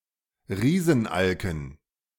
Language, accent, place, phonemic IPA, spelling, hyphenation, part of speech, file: German, Germany, Berlin, /ˈʁiːzn̩ˌʔalkən/, Riesenalken, Rie‧sen‧al‧ken, noun, De-Riesenalken.ogg
- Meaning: dative plural of Riesenalk